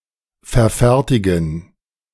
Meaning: to produce
- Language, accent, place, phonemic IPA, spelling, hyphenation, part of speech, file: German, Germany, Berlin, /fɛɐ̯ˈfɛʁtɪɡn̩/, verfertigen, ver‧fer‧ti‧gen, verb, De-verfertigen.ogg